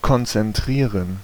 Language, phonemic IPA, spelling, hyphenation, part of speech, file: German, /kɔntsɛnˈtʁiːʁən/, konzentrieren, kon‧zen‧t‧rie‧ren, verb, De-konzentrieren.ogg
- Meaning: 1. to concentrate, to focus (one's mind or attention) 2. to concentrate (something)